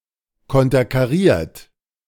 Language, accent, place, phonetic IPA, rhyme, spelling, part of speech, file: German, Germany, Berlin, [ˌkɔntɐkaˈʁiːɐ̯t], -iːɐ̯t, konterkariert, verb, De-konterkariert.ogg
- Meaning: 1. past participle of konterkarieren 2. inflection of konterkarieren: third-person singular present 3. inflection of konterkarieren: second-person plural present